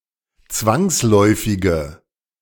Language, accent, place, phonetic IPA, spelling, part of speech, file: German, Germany, Berlin, [ˈt͡svaŋsˌlɔɪ̯fɪɡə], zwangsläufige, adjective, De-zwangsläufige.ogg
- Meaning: inflection of zwangsläufig: 1. strong/mixed nominative/accusative feminine singular 2. strong nominative/accusative plural 3. weak nominative all-gender singular